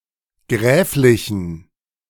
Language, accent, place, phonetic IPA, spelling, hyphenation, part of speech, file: German, Germany, Berlin, [ˈɡʁɛːflɪçn̩], gräflichen, gräf‧li‧chen, adjective, De-gräflichen.ogg
- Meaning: inflection of gräflich: 1. strong genitive masculine/neuter singular 2. weak/mixed genitive/dative all-gender singular 3. strong/weak/mixed accusative masculine singular 4. strong dative plural